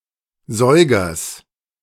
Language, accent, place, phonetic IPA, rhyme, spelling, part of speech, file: German, Germany, Berlin, [ˈzɔɪ̯ɡɐs], -ɔɪ̯ɡɐs, Säugers, noun, De-Säugers.ogg
- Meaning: genitive singular of Säuger